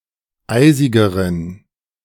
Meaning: inflection of eisig: 1. strong genitive masculine/neuter singular comparative degree 2. weak/mixed genitive/dative all-gender singular comparative degree
- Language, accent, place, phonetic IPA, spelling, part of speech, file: German, Germany, Berlin, [ˈaɪ̯zɪɡəʁən], eisigeren, adjective, De-eisigeren.ogg